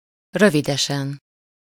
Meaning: soon, shortly
- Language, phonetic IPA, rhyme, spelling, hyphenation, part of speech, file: Hungarian, [ˈrøvidɛʃɛn], -ɛn, rövidesen, rö‧vi‧de‧sen, adverb, Hu-rövidesen.ogg